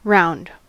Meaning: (adjective) Of shape: 1. Circular or cylindrical; having a circular cross-section in one direction 2. Spherical; shaped like a ball; having a circular cross-section in more than one direction
- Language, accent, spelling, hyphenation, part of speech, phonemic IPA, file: English, US, round, round, adjective / noun / preposition / adverb / verb, /ˈɹaʊ̯nd/, En-us-round.ogg